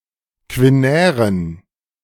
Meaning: inflection of quinär: 1. strong genitive masculine/neuter singular 2. weak/mixed genitive/dative all-gender singular 3. strong/weak/mixed accusative masculine singular 4. strong dative plural
- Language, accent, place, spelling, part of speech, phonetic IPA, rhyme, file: German, Germany, Berlin, quinären, adjective, [kvɪˈnɛːʁən], -ɛːʁən, De-quinären.ogg